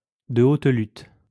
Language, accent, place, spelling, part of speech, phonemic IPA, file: French, France, Lyon, de haute lutte, adverb, /də ot lyt/, LL-Q150 (fra)-de haute lutte.wav
- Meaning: after a long, hard-fought struggle, after a fierce battle